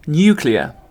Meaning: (adjective) 1. Pertaining to the nucleus of an atom 2. Involving energy released by nuclear reactions (fission, fusion, radioactive decay)
- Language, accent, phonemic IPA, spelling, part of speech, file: English, UK, /ˈnjuː.klɪə(ɹ)/, nuclear, adjective / noun, En-uk-nuclear.ogg